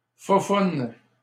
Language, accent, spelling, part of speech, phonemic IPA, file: French, Canada, foufounes, noun, /fu.fun/, LL-Q150 (fra)-foufounes.wav
- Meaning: plural of foufoune